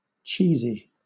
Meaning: 1. Of or relating to cheese 2. Resembling or containing cheese 3. Overdramatic, excessively emotional or clichéd, trite, contrived 4. Cheap, of poor quality
- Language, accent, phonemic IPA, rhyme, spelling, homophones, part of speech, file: English, Southern England, /ˈt͡ʃiːzi/, -iːzi, cheesy, cheezie, adjective, LL-Q1860 (eng)-cheesy.wav